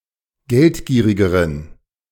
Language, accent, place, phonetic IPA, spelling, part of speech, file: German, Germany, Berlin, [ˈɡɛltˌɡiːʁɪɡəʁən], geldgierigeren, adjective, De-geldgierigeren.ogg
- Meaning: inflection of geldgierig: 1. strong genitive masculine/neuter singular comparative degree 2. weak/mixed genitive/dative all-gender singular comparative degree